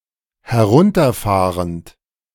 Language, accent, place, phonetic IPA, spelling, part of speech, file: German, Germany, Berlin, [hɛˈʁʊntɐˌfaːʁənt], herunterfahrend, verb, De-herunterfahrend.ogg
- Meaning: present participle of herunterfahren